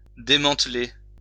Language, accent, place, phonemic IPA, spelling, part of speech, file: French, France, Lyon, /de.mɑ̃t.le/, démanteler, verb, LL-Q150 (fra)-démanteler.wav
- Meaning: to dismantle